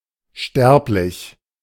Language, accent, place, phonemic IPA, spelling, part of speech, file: German, Germany, Berlin, /ˈʃtɛʁplɪç/, sterblich, adjective, De-sterblich.ogg
- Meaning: mortal